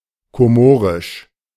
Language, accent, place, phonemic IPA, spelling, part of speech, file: German, Germany, Berlin, /koˈmoːʁɪʃ/, komorisch, adjective, De-komorisch.ogg
- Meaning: of the Comoros; Comorian (of or pertaining to the Comoros, the Comorian people or the Comorian language)